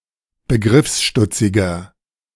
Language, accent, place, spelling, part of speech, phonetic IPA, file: German, Germany, Berlin, begriffsstutziger, adjective, [bəˈɡʁɪfsˌʃtʊt͡sɪɡɐ], De-begriffsstutziger.ogg
- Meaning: 1. comparative degree of begriffsstutzig 2. inflection of begriffsstutzig: strong/mixed nominative masculine singular 3. inflection of begriffsstutzig: strong genitive/dative feminine singular